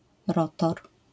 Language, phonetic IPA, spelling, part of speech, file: Polish, [ˈrɔtɔr], rotor, noun, LL-Q809 (pol)-rotor.wav